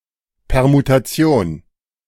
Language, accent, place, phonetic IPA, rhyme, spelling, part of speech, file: German, Germany, Berlin, [pɛʁmutaˈt͡si̯oːn], -oːn, Permutation, noun, De-Permutation.ogg
- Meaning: permutation